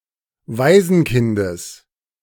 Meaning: genitive singular of Waisenkind
- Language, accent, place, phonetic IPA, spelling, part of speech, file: German, Germany, Berlin, [ˈvaɪ̯zn̩ˌkɪndəs], Waisenkindes, noun, De-Waisenkindes.ogg